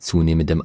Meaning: strong dative masculine/neuter singular of zunehmend
- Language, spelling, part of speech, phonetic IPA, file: German, zunehmendem, adjective, [ˈt͡suːneːməndəm], De-zunehmendem.ogg